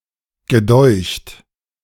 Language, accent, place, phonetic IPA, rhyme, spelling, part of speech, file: German, Germany, Berlin, [ɡəˈdɔɪ̯çt], -ɔɪ̯çt, gedeucht, verb, De-gedeucht.ogg
- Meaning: past participle of dünken